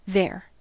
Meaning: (adverb) In or at a place or location (stated, implied or otherwise indicated) that is perceived to be away from, or at a relative distance from, the speaker (compare here)
- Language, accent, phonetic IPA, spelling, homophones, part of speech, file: English, US, [ðeːɹ], there, their / they're, adverb / interjection / noun / pronoun, En-us-there.ogg